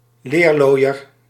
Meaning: tanner, practitioner of tanning (one who prepares leather with tan)
- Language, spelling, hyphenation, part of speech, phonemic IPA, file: Dutch, leerlooier, leer‧looi‧er, noun, /ˈleːrˌloːi̯.ər/, Nl-leerlooier.ogg